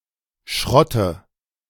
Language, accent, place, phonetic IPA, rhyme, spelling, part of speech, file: German, Germany, Berlin, [ˈʃʁɔtə], -ɔtə, Schrotte, noun, De-Schrotte.ogg
- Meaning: nominative/accusative/genitive plural of Schrott